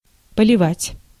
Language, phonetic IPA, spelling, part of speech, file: Russian, [pəlʲɪˈvatʲ], поливать, verb, Ru-поливать.ogg
- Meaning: to pour, to water